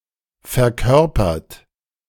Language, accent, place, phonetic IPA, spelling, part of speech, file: German, Germany, Berlin, [fɛɐ̯ˈkœʁpɐt], verkörpert, verb, De-verkörpert.ogg
- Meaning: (verb) past participle of verkörpern; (adjective) embodied, epitomized, impersonated; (verb) inflection of verkörpern: 1. third-person singular present 2. second-person plural present